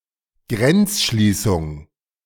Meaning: border closure
- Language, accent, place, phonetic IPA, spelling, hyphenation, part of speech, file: German, Germany, Berlin, [ˈɡʁɛntsˌʃliːsʊŋ], Grenzschließung, Grenz‧schlie‧ßung, noun, De-Grenzschließung.ogg